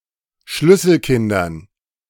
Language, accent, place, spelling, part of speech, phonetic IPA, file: German, Germany, Berlin, Schlüsselkindern, noun, [ˈʃlʏsl̩ˌkɪndɐn], De-Schlüsselkindern.ogg
- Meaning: dative plural of Schlüsselkind